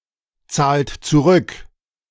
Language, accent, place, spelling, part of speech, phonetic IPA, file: German, Germany, Berlin, zahlt zurück, verb, [ˌt͡saːlt t͡suˈʁʏk], De-zahlt zurück.ogg
- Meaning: inflection of zurückzahlen: 1. second-person plural present 2. third-person singular present 3. plural imperative